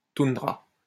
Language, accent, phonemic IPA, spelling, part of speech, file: French, France, /tun.dʁa/, toundra, noun, LL-Q150 (fra)-toundra.wav
- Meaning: tundra (flat treeless arctic region)